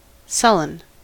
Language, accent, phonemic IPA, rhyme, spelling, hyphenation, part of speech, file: English, US, /ˈsʌlən/, -ʌlən, sullen, sul‧len, adjective / noun / verb, En-us-sullen.ogg
- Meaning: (adjective) 1. Having a brooding ill temper; sulky 2. Gloomy; dismal; foreboding 3. Sluggish; slow 4. Mischievous; malignant; unpropitious 5. Obstinate; intractable